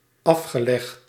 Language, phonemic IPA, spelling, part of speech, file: Dutch, /ˈɑfxəlɛxt/, afgelegd, verb, Nl-afgelegd.ogg
- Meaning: past participle of afleggen